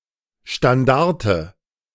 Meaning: 1. standard (flag at the apex of a vertical pole) 2. tail of a fox or a wolf
- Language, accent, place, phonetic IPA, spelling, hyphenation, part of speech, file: German, Germany, Berlin, [ʃtanˈdaʁtə], Standarte, Stan‧dar‧te, noun, De-Standarte.ogg